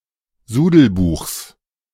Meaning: genitive singular of Sudelbuch
- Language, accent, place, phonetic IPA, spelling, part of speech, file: German, Germany, Berlin, [ˈzuːdl̩ˌbuːxs], Sudelbuchs, noun, De-Sudelbuchs.ogg